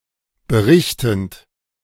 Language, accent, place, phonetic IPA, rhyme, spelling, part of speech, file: German, Germany, Berlin, [bəˈʁɪçtn̩t], -ɪçtn̩t, berichtend, verb, De-berichtend.ogg
- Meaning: present participle of berichten